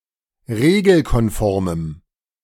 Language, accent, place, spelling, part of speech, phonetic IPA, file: German, Germany, Berlin, regelkonformem, adjective, [ˈʁeːɡl̩kɔnˌfɔʁməm], De-regelkonformem.ogg
- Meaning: strong dative masculine/neuter singular of regelkonform